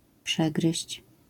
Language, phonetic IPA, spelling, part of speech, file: Polish, [ˈpʃɛɡrɨɕt͡ɕ], przegryźć, verb, LL-Q809 (pol)-przegryźć.wav